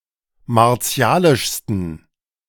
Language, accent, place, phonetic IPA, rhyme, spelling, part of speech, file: German, Germany, Berlin, [maʁˈt͡si̯aːlɪʃstn̩], -aːlɪʃstn̩, martialischsten, adjective, De-martialischsten.ogg
- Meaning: 1. superlative degree of martialisch 2. inflection of martialisch: strong genitive masculine/neuter singular superlative degree